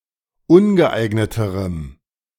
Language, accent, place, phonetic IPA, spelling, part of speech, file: German, Germany, Berlin, [ˈʊnɡəˌʔaɪ̯ɡnətəʁəm], ungeeigneterem, adjective, De-ungeeigneterem.ogg
- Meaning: strong dative masculine/neuter singular comparative degree of ungeeignet